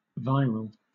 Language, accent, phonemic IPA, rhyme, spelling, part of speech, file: English, Southern England, /ˈvaɪɹəl/, -aɪɹəl, viral, adjective / noun, LL-Q1860 (eng)-viral.wav
- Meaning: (adjective) 1. Of or relating to a biological virus 2. Caused by a virus 3. Of the nature of an informatic virus; able to spread copies of itself to other computers